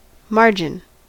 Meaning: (noun) 1. The edge of the paper, typically left blank when printing but sometimes used for annotations etc 2. The edge or border of any flat surface
- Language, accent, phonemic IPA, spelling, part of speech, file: English, US, /ˈmɑɹ.d͡ʒɪn/, margin, noun / verb, En-us-margin.ogg